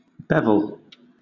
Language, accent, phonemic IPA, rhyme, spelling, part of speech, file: English, Southern England, /ˈbɛv.əl/, -ɛvəl, bevel, noun / verb / adjective, LL-Q1860 (eng)-bevel.wav
- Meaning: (noun) An edge that is canted, one that is not a 90-degree angle; a chamfer